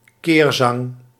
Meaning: an antode or antistrophe
- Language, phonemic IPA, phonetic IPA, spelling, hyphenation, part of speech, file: Dutch, /ˈkeːr.zɑŋ/, [ˈkɪːr.zɑŋ], keerzang, keer‧zang, noun, Nl-keerzang.ogg